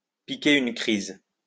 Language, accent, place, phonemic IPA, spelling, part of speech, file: French, France, Lyon, /pi.ke yn kʁiz/, piquer une crise, verb, LL-Q150 (fra)-piquer une crise.wav
- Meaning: to throw a fit, to throw a tantrum